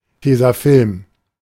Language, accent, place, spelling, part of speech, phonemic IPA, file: German, Germany, Berlin, Tesafilm, noun, /ˈteːzaˌfɪlm/, De-Tesafilm.ogg
- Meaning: 1. (UK, Ireland, Australia, NZ) sellotape; (UK, AU) sticky tape; (US) Scotch tape; adhesive tape, office tape 2. adhesive tape in general